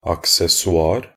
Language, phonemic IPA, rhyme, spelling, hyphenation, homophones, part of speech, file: Norwegian Bokmål, /aksɛsɔˈɑːr/, -ɑːr, accessoir, ac‧ces‧so‧ir, aksessoar, noun, Nb-accessoir.ogg
- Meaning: an accessory (clothing accessories, such as an umbrella, bag, jewelry, scarf, etc.)